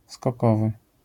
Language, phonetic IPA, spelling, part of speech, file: Polish, [skɔˈkɔvɨ], skokowy, adjective, LL-Q809 (pol)-skokowy.wav